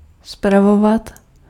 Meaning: to administer (to work in an administrative capacity)
- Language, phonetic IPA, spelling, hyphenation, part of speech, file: Czech, [ˈspravovat], spravovat, spra‧vo‧vat, verb, Cs-spravovat.ogg